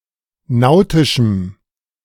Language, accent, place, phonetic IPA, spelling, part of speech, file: German, Germany, Berlin, [ˈnaʊ̯tɪʃm̩], nautischem, adjective, De-nautischem.ogg
- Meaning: strong dative masculine/neuter singular of nautisch